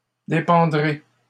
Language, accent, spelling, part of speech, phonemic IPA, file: French, Canada, dépendrai, verb, /de.pɑ̃.dʁe/, LL-Q150 (fra)-dépendrai.wav
- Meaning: first-person singular future of dépendre